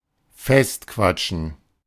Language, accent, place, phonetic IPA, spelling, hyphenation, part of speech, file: German, Germany, Berlin, [ˈfɛstˌkvat͡ʃn̩], festquatschen, fest‧quat‧schen, verb, De-festquatschen.ogg
- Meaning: to become so absorbed in a conversation that you cannot let go of it (for a fairly long time), to get stuck nattering away, to get stuck in a chat